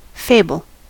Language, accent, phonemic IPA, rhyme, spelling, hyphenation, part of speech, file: English, US, /ˈfeɪbəl/, -eɪbəl, fable, fa‧ble, noun / verb, En-us-fable.ogg
- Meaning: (noun) A fictitious narrative intended to enforce some useful truth or precept, usually with animals, etc. as characters; an apologue. Prototypically, Aesop's Fables